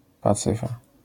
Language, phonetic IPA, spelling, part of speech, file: Polish, [paˈt͡sɨfa], pacyfa, noun, LL-Q809 (pol)-pacyfa.wav